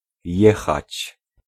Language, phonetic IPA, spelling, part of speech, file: Polish, [ˈjɛxat͡ɕ], jechać, verb, Pl-jechać.ogg